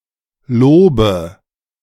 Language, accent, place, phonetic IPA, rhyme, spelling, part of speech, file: German, Germany, Berlin, [ˈloːbə], -oːbə, lobe, verb, De-lobe.ogg
- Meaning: inflection of loben: 1. first-person singular present 2. first/third-person singular subjunctive I 3. singular imperative